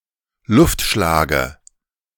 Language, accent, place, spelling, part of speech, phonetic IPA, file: German, Germany, Berlin, Luftschlage, noun, [ˈlʊftˌʃlaːɡə], De-Luftschlage.ogg
- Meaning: dative singular of Luftschlag